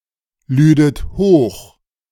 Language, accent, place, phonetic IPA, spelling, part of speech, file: German, Germany, Berlin, [ˌlyːdət ˈhoːx], lüdet hoch, verb, De-lüdet hoch.ogg
- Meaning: second-person plural subjunctive II of hochladen